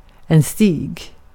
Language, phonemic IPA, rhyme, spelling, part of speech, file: Swedish, /stiːɡ/, -iːɡ, stig, noun / verb, Sv-stig.ogg
- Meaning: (noun) a path, a trail (in nature and narrow); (verb) imperative of stiga